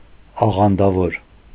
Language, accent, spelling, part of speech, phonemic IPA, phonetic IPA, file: Armenian, Eastern Armenian, աղանդավոր, noun, /ɑʁɑndɑˈvoɾ/, [ɑʁɑndɑvóɾ], Hy-աղանդավոր.ogg
- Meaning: sectary, sectarian, member of a sect